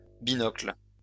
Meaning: 1. pince-nez 2. lorgnette 3. spectacles, eyeglasses, specs
- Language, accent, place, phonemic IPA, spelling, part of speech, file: French, France, Lyon, /bi.nɔkl/, binocle, noun, LL-Q150 (fra)-binocle.wav